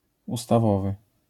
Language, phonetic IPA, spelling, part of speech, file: Polish, [ˌustaˈvɔvɨ], ustawowy, adjective, LL-Q809 (pol)-ustawowy.wav